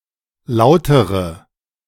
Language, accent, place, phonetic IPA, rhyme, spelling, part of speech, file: German, Germany, Berlin, [ˈlaʊ̯təʁə], -aʊ̯təʁə, lautere, adjective, De-lautere.ogg
- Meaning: inflection of laut: 1. strong/mixed nominative/accusative feminine singular comparative degree 2. strong nominative/accusative plural comparative degree